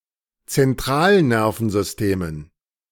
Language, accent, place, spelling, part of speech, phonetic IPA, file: German, Germany, Berlin, Zentralnervensystemen, noun, [t͡sɛnˈtʁaːlˌnɛʁfn̩zʏsteːmən], De-Zentralnervensystemen.ogg
- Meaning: dative plural of Zentralnervensystem